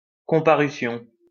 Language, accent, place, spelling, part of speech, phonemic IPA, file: French, France, Lyon, comparution, noun, /kɔ̃.pa.ʁy.sjɔ̃/, LL-Q150 (fra)-comparution.wav
- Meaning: appearance